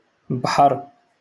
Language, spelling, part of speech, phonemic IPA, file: Moroccan Arabic, بحر, noun, /bħar/, LL-Q56426 (ary)-بحر.wav
- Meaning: 1. sea 2. beach